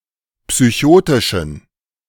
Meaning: inflection of psychotisch: 1. strong genitive masculine/neuter singular 2. weak/mixed genitive/dative all-gender singular 3. strong/weak/mixed accusative masculine singular 4. strong dative plural
- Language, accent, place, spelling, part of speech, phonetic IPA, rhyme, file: German, Germany, Berlin, psychotischen, adjective, [psyˈçoːtɪʃn̩], -oːtɪʃn̩, De-psychotischen.ogg